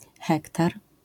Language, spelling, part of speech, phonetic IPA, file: Polish, hektar, noun, [ˈxɛktar], LL-Q809 (pol)-hektar.wav